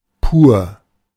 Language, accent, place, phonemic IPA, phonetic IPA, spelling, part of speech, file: German, Germany, Berlin, /puːr/, [pu(ː)ɐ̯], pur, adjective, De-pur.ogg
- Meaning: 1. pure, mere, sheer (nothing other than) 2. pure (not mixed with another ingredient) 3. pure (not polluted or sullied)